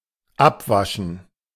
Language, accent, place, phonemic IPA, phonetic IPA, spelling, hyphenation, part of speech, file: German, Germany, Berlin, /ˈapˌvaʃən/, [ˈʔapˌvaʃn̩], abwaschen, ab‧wa‧schen, verb, De-abwaschen.ogg
- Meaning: to wash up (clean utensils, dishes, vegetables, etc.)